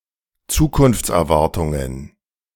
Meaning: plural of Zukunftserwartung
- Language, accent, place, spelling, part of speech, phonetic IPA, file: German, Germany, Berlin, Zukunftserwartungen, noun, [ˈt͡suːkʊnft͡sʔɛɐ̯ˌvaʁtʊŋən], De-Zukunftserwartungen.ogg